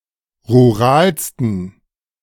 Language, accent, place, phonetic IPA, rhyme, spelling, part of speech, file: German, Germany, Berlin, [ʁuˈʁaːlstn̩], -aːlstn̩, ruralsten, adjective, De-ruralsten.ogg
- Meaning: 1. superlative degree of rural 2. inflection of rural: strong genitive masculine/neuter singular superlative degree